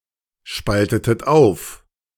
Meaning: inflection of aufspalten: 1. second-person plural preterite 2. second-person plural subjunctive II
- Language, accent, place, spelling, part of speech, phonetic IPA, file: German, Germany, Berlin, spaltetet auf, verb, [ˌʃpaltətət ˈaʊ̯f], De-spaltetet auf.ogg